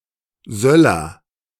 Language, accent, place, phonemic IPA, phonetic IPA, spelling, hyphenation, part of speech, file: German, Germany, Berlin, /ˈzœlər/, [ˈzœ.lɐ], Söller, Söl‧ler, noun, De-Söller.ogg
- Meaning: 1. raised deck or terrace, large balcony supported by walls or columns 2. attic, loft